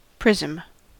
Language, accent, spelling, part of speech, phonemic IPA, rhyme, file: English, General American, prism, noun, /ˈpɹɪzəm/, -ɪzəm, En-us-prism.ogg
- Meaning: A polyhedron with parallel ends of the same polygonal shape and size, the other faces being parallelogram-shaped sides.: An object having the shape of a geometrical prism (sense 1)